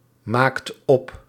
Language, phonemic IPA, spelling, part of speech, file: Dutch, /ˈmakt ˈɔp/, maakt op, verb, Nl-maakt op.ogg
- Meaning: inflection of opmaken: 1. second/third-person singular present indicative 2. plural imperative